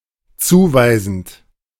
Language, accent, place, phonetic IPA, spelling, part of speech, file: German, Germany, Berlin, [ˈt͡suːˌvaɪ̯zn̩t], zuweisend, verb, De-zuweisend.ogg
- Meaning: present participle of zuweisen